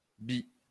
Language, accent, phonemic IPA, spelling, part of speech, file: French, France, /bi/, bi, noun / adjective, LL-Q150 (fra)-bi.wav
- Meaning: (noun) bi, bisexual person; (adjective) bi, bisexual